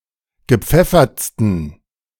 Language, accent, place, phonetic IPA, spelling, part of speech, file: German, Germany, Berlin, [ɡəˈp͡fɛfɐt͡stn̩], gepfeffertsten, adjective, De-gepfeffertsten.ogg
- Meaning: 1. superlative degree of gepfeffert 2. inflection of gepfeffert: strong genitive masculine/neuter singular superlative degree